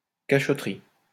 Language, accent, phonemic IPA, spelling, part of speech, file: French, France, /ka.ʃɔ.tʁi/, cachotterie, noun, LL-Q150 (fra)-cachotterie.wav
- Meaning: mystery, secrecy